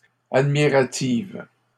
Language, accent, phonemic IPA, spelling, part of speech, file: French, Canada, /ad.mi.ʁa.tiv/, admirative, adjective, LL-Q150 (fra)-admirative.wav
- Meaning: feminine singular of admiratif